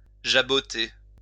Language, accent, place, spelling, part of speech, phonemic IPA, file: French, France, Lyon, jaboter, verb, /ʒa.bɔ.te/, LL-Q150 (fra)-jaboter.wav
- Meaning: to jabber